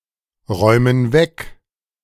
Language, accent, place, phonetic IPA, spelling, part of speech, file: German, Germany, Berlin, [ˌʁɔɪ̯mən ˈvɛk], räumen weg, verb, De-räumen weg.ogg
- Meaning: inflection of wegräumen: 1. first/third-person plural present 2. first/third-person plural subjunctive I